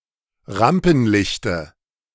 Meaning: dative of Rampenlicht
- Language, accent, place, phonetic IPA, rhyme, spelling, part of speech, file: German, Germany, Berlin, [ˈʁampn̩ˌlɪçtə], -ampn̩lɪçtə, Rampenlichte, noun, De-Rampenlichte.ogg